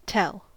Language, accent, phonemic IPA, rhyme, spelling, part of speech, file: English, US, /tɛl/, -ɛl, tell, verb / noun, En-us-tell.ogg
- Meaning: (verb) Mental senses related to determining, reckoning, or perceiving: To determine the number, amount, or value of [something]